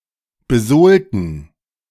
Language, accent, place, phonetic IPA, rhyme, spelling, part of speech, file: German, Germany, Berlin, [bəˈzoːltn̩], -oːltn̩, besohlten, adjective / verb, De-besohlten.ogg
- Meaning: inflection of besohlen: 1. first/third-person plural preterite 2. first/third-person plural subjunctive II